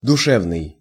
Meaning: 1. mental, psychic 2. sincere, heartful 3. soulful
- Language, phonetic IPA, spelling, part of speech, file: Russian, [dʊˈʂɛvnɨj], душевный, adjective, Ru-душевный.ogg